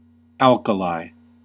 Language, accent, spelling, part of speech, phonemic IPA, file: English, US, alkali, noun, /ˈæl.kəˌlaɪ/, En-us-alkali.ogg